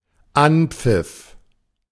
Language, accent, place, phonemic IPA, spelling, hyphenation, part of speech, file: German, Germany, Berlin, /ˈʔanpfɪf/, Anpfiff, An‧pfiff, noun, De-Anpfiff.ogg
- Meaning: starting whistle